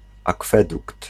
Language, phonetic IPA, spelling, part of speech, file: Polish, [aˈkfɛdukt], akwedukt, noun, Pl-akwedukt.ogg